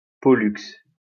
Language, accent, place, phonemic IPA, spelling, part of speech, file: French, France, Lyon, /pɔ.lyks/, Pollux, proper noun, LL-Q150 (fra)-Pollux.wav
- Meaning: Pollux